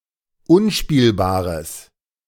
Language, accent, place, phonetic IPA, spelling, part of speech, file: German, Germany, Berlin, [ˈʊnˌʃpiːlbaːʁəs], unspielbares, adjective, De-unspielbares.ogg
- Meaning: strong/mixed nominative/accusative neuter singular of unspielbar